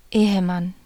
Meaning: married man, husband
- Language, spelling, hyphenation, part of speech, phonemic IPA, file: German, Ehemann, Ehe‧mann, noun, /ˈeːəˌman/, De-Ehemann.ogg